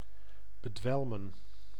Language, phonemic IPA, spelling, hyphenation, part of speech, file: Dutch, /bəˈdʋɛlmə(n)/, bedwelmen, be‧dwel‧men, verb, Nl-bedwelmen.ogg
- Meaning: to stun, to intoxicate, to daze